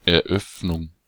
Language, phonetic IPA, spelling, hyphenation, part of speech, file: German, [ʔɛɐ̯ˈʔœfnʊŋ], Eröffnung, Er‧öff‧nung, noun, De-Eröffnung.ogg
- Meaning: opening